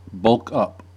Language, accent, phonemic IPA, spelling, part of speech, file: English, US, /ˌbʌlk ˈʌp/, bulk up, verb, En-us-bulk up.ogg
- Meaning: 1. To gain weight 2. To increase the weight of 3. To train the body with a high-calorie diet and intense weightlifting in order to increase the overall mass of the body, especially the muscles